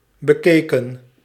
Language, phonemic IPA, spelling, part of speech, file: Dutch, /bəˈkekə(n)/, bekeken, verb, Nl-bekeken.ogg
- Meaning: 1. inflection of bekijken: plural past indicative 2. inflection of bekijken: plural past subjunctive 3. past participle of bekijken